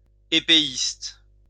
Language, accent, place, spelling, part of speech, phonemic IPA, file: French, France, Lyon, épéiste, noun, /e.pe.ist/, LL-Q150 (fra)-épéiste.wav
- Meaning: epeeist